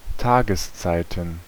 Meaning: plural of Tageszeit
- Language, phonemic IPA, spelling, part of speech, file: German, /ˈtaːɡəstsaɪ̯tən/, Tageszeiten, noun, De-Tageszeiten.ogg